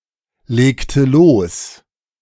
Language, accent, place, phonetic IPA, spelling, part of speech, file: German, Germany, Berlin, [ˌleːktə ˈloːs], legte los, verb, De-legte los.ogg
- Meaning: inflection of loslegen: 1. first/third-person singular preterite 2. first/third-person singular subjunctive II